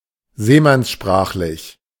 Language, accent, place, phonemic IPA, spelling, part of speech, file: German, Germany, Berlin, /ˈzeːmansˌʃpʁaːχlɪç/, seemannssprachlich, adjective, De-seemannssprachlich.ogg
- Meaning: seaman's language